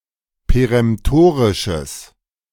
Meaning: strong/mixed nominative/accusative neuter singular of peremtorisch
- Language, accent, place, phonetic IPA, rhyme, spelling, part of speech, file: German, Germany, Berlin, [peʁɛmˈtoːʁɪʃəs], -oːʁɪʃəs, peremtorisches, adjective, De-peremtorisches.ogg